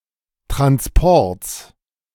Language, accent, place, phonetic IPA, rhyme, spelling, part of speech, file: German, Germany, Berlin, [tʁansˈpɔʁt͡s], -ɔʁt͡s, Transports, noun, De-Transports.ogg
- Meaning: genitive singular of Transport